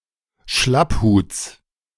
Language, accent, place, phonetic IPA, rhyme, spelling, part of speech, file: German, Germany, Berlin, [ˈʃlapˌhuːt͡s], -aphuːt͡s, Schlapphuts, noun, De-Schlapphuts.ogg
- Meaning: genitive singular of Schlapphut